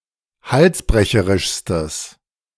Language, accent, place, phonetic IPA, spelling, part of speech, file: German, Germany, Berlin, [ˈhalsˌbʁɛçəʁɪʃstəs], halsbrecherischstes, adjective, De-halsbrecherischstes.ogg
- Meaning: strong/mixed nominative/accusative neuter singular superlative degree of halsbrecherisch